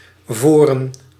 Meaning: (adverb) alternative form of voor, always found with a preposition in set phrases; in advance, to the front; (noun) 1. superseded spelling of voorn 2. plural of voor 3. plural of vore
- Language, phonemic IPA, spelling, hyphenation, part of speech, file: Dutch, /ˈvoːrə(n)/, voren, vo‧ren, adverb / noun, Nl-voren.ogg